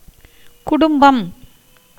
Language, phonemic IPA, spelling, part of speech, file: Tamil, /kʊɖʊmbɐm/, குடும்பம், noun, Ta-குடும்பம்.ogg
- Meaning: family, household